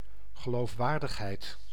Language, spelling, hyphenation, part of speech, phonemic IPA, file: Dutch, geloofwaardigheid, ge‧loof‧waar‧dig‧heid, noun, /ɣəˌloːfˈʋaːr.dəx.ɦɛi̯t/, Nl-geloofwaardigheid.ogg
- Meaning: credibility